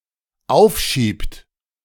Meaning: inflection of aufschieben: 1. third-person singular dependent present 2. second-person plural dependent present
- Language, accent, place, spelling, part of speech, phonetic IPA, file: German, Germany, Berlin, aufschiebt, verb, [ˈaʊ̯fˌʃiːpt], De-aufschiebt.ogg